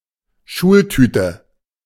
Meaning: a paper cone full of gifts that is given on the first day of school in Germany and nearby places in Central Europe
- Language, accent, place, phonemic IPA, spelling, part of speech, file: German, Germany, Berlin, /ˈʃuːlˌtyːtə/, Schultüte, noun, De-Schultüte.ogg